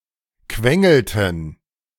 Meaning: inflection of quengeln: 1. first/third-person plural preterite 2. first/third-person plural subjunctive II
- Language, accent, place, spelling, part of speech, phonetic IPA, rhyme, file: German, Germany, Berlin, quengelten, verb, [ˈkvɛŋl̩tn̩], -ɛŋl̩tn̩, De-quengelten.ogg